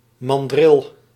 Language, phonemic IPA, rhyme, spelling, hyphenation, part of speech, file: Dutch, /mɑnˈdrɪl/, -ɪl, mandril, man‧dril, noun, Nl-mandril.ogg
- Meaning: a mandrill (Mandrillus sphinx)